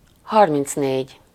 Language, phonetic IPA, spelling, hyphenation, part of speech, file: Hungarian, [ˈhɒrmint͡sneːɟ], harmincnégy, har‧minc‧négy, numeral, Hu-harmincnégy.ogg
- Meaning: thirty-four